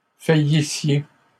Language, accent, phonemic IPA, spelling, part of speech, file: French, Canada, /fa.ji.sje/, faillissiez, verb, LL-Q150 (fra)-faillissiez.wav
- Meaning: inflection of faillir: 1. second-person plural imperfect indicative 2. second-person plural present/imperfect subjunctive